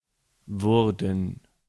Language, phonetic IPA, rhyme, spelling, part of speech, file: German, [ˈvʊʁdn̩], -ʊʁdn̩, wurden, verb, De-wurden.ogg
- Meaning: first/third-person plural preterite of werden